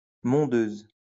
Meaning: a variety of black grape from Savoie
- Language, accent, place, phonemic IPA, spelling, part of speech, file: French, France, Lyon, /mɔ̃.døz/, mondeuse, noun, LL-Q150 (fra)-mondeuse.wav